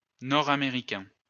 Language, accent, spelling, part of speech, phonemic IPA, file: French, France, nord-américain, adjective, /nɔ.ʁa.me.ʁi.kɛ̃/, LL-Q150 (fra)-nord-américain.wav
- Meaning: 1. North American 2. Canado-American (“Canadian-American”)